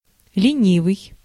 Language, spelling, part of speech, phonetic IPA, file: Russian, ленивый, adjective, [lʲɪˈnʲivɨj], Ru-ленивый.ogg
- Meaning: lazy (unwilling to work)